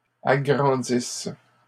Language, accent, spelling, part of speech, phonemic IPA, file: French, Canada, agrandissent, verb, /a.ɡʁɑ̃.dis/, LL-Q150 (fra)-agrandissent.wav
- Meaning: inflection of agrandir: 1. third-person plural present indicative/subjunctive 2. third-person plural imperfect subjunctive